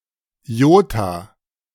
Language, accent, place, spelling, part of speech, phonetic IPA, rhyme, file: German, Germany, Berlin, Iota, noun, [ˈjoːta], -oːta, De-Iota.ogg
- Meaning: alternative form of Jota